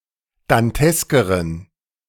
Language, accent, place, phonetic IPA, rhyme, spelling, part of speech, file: German, Germany, Berlin, [danˈtɛskəʁən], -ɛskəʁən, danteskeren, adjective, De-danteskeren.ogg
- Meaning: inflection of dantesk: 1. strong genitive masculine/neuter singular comparative degree 2. weak/mixed genitive/dative all-gender singular comparative degree